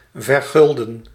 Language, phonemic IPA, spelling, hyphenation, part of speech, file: Dutch, /vərˈɣʏl.də(n)/, vergulden, ver‧gul‧den, verb, Nl-vergulden.ogg
- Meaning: to gild, to apply gold leaf to